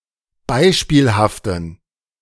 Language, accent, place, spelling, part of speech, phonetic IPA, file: German, Germany, Berlin, beispielhaften, adjective, [ˈbaɪ̯ʃpiːlhaftn̩], De-beispielhaften.ogg
- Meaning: inflection of beispielhaft: 1. strong genitive masculine/neuter singular 2. weak/mixed genitive/dative all-gender singular 3. strong/weak/mixed accusative masculine singular 4. strong dative plural